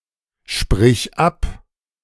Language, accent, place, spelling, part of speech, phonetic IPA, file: German, Germany, Berlin, sprich ab, verb, [ˌʃpʁɪç ˈap], De-sprich ab.ogg
- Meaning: singular imperative of absprechen